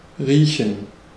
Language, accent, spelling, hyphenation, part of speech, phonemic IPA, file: German, Germany, riechen, rie‧chen, verb, /ˈʁiːçən/, De-riechen.ogg
- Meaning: 1. to smell (something); to sniff (something) 2. to use the sense of smell; to detect a smell 3. to smell something 4. to reek; to smell bad 5. to smell 6. to tolerate (someone); to stand (someone)